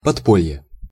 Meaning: underground
- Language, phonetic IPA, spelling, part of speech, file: Russian, [pɐtˈpolʲje], подполье, noun, Ru-подполье.ogg